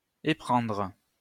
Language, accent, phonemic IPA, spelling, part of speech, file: French, France, /e.pʁɑ̃dʁ/, éprendre, verb, LL-Q150 (fra)-éprendre.wav
- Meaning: 1. to burn 2. to become enamoured with, fall in love with